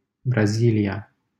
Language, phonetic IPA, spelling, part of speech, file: Romanian, [bra.zi.li.a], Brazilia, proper noun, LL-Q7913 (ron)-Brazilia.wav
- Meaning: Brazil (a large Portuguese-speaking country in South America)